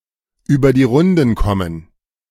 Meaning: to make ends meet
- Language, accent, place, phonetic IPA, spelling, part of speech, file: German, Germany, Berlin, [ˌyːbɐ diː ˈʁʊndn̩ ˌkɔmən], über die Runden kommen, phrase, De-über die Runden kommen.ogg